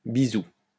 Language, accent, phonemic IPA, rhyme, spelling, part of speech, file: French, France, /bi.zu/, -u, bisou, noun, LL-Q150 (fra)-bisou.wav
- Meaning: 1. kiss (friendly kiss) 2. lots of love